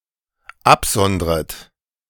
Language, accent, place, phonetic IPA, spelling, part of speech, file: German, Germany, Berlin, [ˈapˌzɔndʁət], absondret, verb, De-absondret.ogg
- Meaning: second-person plural dependent subjunctive I of absondern